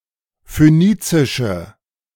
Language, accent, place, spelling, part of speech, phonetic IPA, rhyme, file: German, Germany, Berlin, phönizische, adjective, [føˈniːt͡sɪʃə], -iːt͡sɪʃə, De-phönizische.ogg
- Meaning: inflection of phönizisch: 1. strong/mixed nominative/accusative feminine singular 2. strong nominative/accusative plural 3. weak nominative all-gender singular